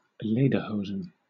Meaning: A pair of knee-breeches made of leather, typical of Bavaria and Austria
- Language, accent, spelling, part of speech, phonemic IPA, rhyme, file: English, Southern England, lederhosen, noun, /ˈleɪdəˌhəʊzən/, -əʊzən, LL-Q1860 (eng)-lederhosen.wav